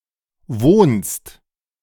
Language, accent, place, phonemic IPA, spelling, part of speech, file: German, Germany, Berlin, /voːnst/, wohnst, verb, De-wohnst.ogg
- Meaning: second-person singular present of wohnen